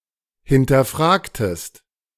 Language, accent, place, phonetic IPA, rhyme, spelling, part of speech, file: German, Germany, Berlin, [hɪntɐˈfʁaːktəst], -aːktəst, hinterfragtest, verb, De-hinterfragtest.ogg
- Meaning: inflection of hinterfragen: 1. second-person singular preterite 2. second-person singular subjunctive II